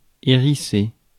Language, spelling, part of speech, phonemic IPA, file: French, hérisser, verb, /e.ʁi.se/, Fr-hérisser.ogg
- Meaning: 1. to bristle, ruffle (feathers, fur etc.) 2. to spike; to form spikes in 3. to get somebody's back up